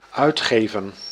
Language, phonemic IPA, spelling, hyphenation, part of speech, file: Dutch, /ˈœy̯tˌɣeːvə(n)/, uitgeven, uit‧ge‧ven, verb, Nl-uitgeven.ogg
- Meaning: 1. to spend 2. to publish